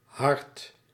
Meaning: 1. heart, main muscle pumping blood through the body 2. the center point or zone of an object, image etc 3. the core or essence of some thing, reasoning etc 4. compassionate or similar feelings
- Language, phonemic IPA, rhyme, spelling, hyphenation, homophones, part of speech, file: Dutch, /ɦɑrt/, -ɑrt, hart, hart, hard, noun, Nl-hart.ogg